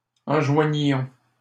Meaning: inflection of enjoindre: 1. first-person plural imperfect indicative 2. first-person plural present subjunctive
- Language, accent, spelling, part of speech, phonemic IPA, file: French, Canada, enjoignions, verb, /ɑ̃.ʒwa.ɲjɔ̃/, LL-Q150 (fra)-enjoignions.wav